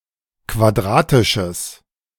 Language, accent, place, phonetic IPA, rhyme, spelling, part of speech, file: German, Germany, Berlin, [kvaˈdʁaːtɪʃəs], -aːtɪʃəs, quadratisches, adjective, De-quadratisches.ogg
- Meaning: strong/mixed nominative/accusative neuter singular of quadratisch